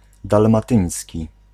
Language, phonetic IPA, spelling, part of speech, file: Polish, [ˌdalmaˈtɨ̃j̃sʲci], dalmatyński, adjective / noun, Pl-dalmatyński.ogg